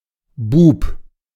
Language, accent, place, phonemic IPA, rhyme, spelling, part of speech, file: German, Germany, Berlin, /buːp/, -uːp, Bub, noun, De-Bub.ogg
- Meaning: alternative form of Bube (“boy”)